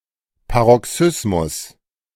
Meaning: paroxysm (random or sudden outburst; explosive event during a volcanic eruption; sudden recurrence of a disease)
- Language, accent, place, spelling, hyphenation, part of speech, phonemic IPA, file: German, Germany, Berlin, Paroxysmus, Pa‧ro‧xys‧mus, noun, /paʁɔˈksʏsmʊs/, De-Paroxysmus.ogg